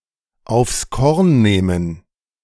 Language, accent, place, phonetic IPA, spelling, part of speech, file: German, Germany, Berlin, [aʊ̯fs kɔʁn ˈneːmən], aufs Korn nehmen, verb, De-aufs Korn nehmen.ogg
- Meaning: to satirize